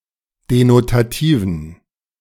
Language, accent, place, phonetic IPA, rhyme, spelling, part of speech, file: German, Germany, Berlin, [denotaˈtiːvn̩], -iːvn̩, denotativen, adjective, De-denotativen.ogg
- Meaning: inflection of denotativ: 1. strong genitive masculine/neuter singular 2. weak/mixed genitive/dative all-gender singular 3. strong/weak/mixed accusative masculine singular 4. strong dative plural